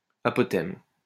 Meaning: apothem
- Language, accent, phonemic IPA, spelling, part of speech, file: French, France, /a.pɔ.tɛm/, apothème, noun, LL-Q150 (fra)-apothème.wav